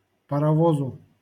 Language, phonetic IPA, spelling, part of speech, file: Russian, [pərɐˈvozʊ], паровозу, noun, LL-Q7737 (rus)-паровозу.wav
- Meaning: dative singular of парово́з (parovóz)